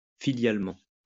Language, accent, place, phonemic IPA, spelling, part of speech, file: French, France, Lyon, /fi.ljal.mɑ̃/, filialement, adverb, LL-Q150 (fra)-filialement.wav
- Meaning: filially